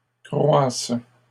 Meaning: first/third-person singular present subjunctive of croître
- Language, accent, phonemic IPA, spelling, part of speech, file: French, Canada, /kʁwas/, croisse, verb, LL-Q150 (fra)-croisse.wav